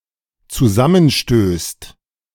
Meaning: second/third-person singular dependent present of zusammenstoßen
- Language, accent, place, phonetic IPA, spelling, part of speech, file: German, Germany, Berlin, [t͡suˈzamənˌʃtøːst], zusammenstößt, verb, De-zusammenstößt.ogg